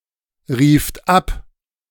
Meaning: second-person plural preterite of abrufen
- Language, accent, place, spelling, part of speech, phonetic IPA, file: German, Germany, Berlin, rieft ab, verb, [ˌʁiːft ˈap], De-rieft ab.ogg